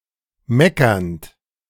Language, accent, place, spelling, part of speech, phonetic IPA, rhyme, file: German, Germany, Berlin, meckernd, verb, [ˈmɛkɐnt], -ɛkɐnt, De-meckernd.ogg
- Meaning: present participle of meckern